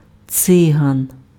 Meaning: Gypsy, Roma
- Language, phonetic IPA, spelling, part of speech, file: Ukrainian, [ˈt͡sɪɦɐn], циган, noun, Uk-циган.ogg